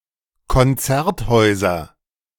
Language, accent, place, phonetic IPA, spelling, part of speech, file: German, Germany, Berlin, [kɔnˈt͡sɛʁtˌhɔɪ̯zɐ], Konzerthäuser, noun, De-Konzerthäuser.ogg
- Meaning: nominative/accusative/genitive plural of Konzerthaus